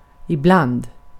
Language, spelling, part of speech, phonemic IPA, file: Swedish, ibland, adverb / preposition, /ɪˈblanː(d)/, Sv-ibland.ogg
- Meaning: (adverb) sometimes (on certain occasions, but not always); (preposition) amongst